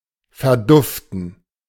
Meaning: 1. to lose its smell 2. to take off, scram
- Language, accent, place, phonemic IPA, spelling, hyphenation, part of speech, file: German, Germany, Berlin, /fɛɐ̯ˈdʊftn̩/, verduften, ver‧duf‧ten, verb, De-verduften.ogg